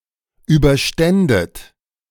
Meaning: second-person plural subjunctive II of überstehen
- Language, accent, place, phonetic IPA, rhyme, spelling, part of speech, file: German, Germany, Berlin, [ˌyːbɐˈʃtɛndət], -ɛndət, überständet, verb, De-überständet.ogg